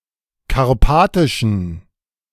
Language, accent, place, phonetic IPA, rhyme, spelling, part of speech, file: German, Germany, Berlin, [kaʁˈpaːtɪʃn̩], -aːtɪʃn̩, karpatischen, adjective, De-karpatischen.ogg
- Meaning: inflection of karpatisch: 1. strong genitive masculine/neuter singular 2. weak/mixed genitive/dative all-gender singular 3. strong/weak/mixed accusative masculine singular 4. strong dative plural